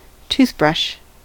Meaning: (noun) A brush, used with toothpaste, for cleaning the teeth; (verb) To clean or scrub with a toothbrush
- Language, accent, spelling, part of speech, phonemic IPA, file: English, US, toothbrush, noun / verb, /ˈtuθ.bɹʌʃ/, En-us-toothbrush.ogg